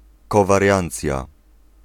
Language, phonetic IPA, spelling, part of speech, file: Polish, [ˌkɔvarʲˈjãnt͡sʲja], kowariancja, noun, Pl-kowariancja.ogg